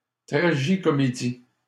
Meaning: tragicomedy (drama that combines elements of tragedy and comedy)
- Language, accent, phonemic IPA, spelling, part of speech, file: French, Canada, /tʁa.ʒi.kɔ.me.di/, tragicomédie, noun, LL-Q150 (fra)-tragicomédie.wav